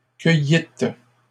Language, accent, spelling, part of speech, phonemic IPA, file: French, Canada, cueillîtes, verb, /kœ.jit/, LL-Q150 (fra)-cueillîtes.wav
- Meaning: second-person plural past historic of cueillir